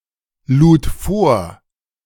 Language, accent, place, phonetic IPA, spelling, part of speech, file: German, Germany, Berlin, [ˌluːt ˈfoːɐ̯], lud vor, verb, De-lud vor.ogg
- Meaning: first/third-person singular preterite of vorladen